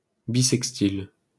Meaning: feminine singular of bissextil
- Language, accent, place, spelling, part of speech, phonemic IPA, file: French, France, Paris, bissextile, adjective, /bi.sɛk.stil/, LL-Q150 (fra)-bissextile.wav